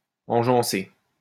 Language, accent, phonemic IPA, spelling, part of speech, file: French, France, /ɑ̃.ʒɑ̃.se/, engeancer, verb, LL-Q150 (fra)-engeancer.wav
- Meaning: to embarrass